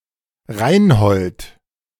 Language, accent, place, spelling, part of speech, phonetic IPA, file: German, Germany, Berlin, Reinhold, proper noun, [ˈʁaɪ̯nhɔlt], De-Reinhold.ogg
- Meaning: a male given name from Old High German